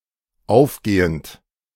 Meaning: present participle of aufgehen
- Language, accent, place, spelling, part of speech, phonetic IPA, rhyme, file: German, Germany, Berlin, aufgehend, verb, [ˈaʊ̯fˌɡeːənt], -aʊ̯fɡeːənt, De-aufgehend.ogg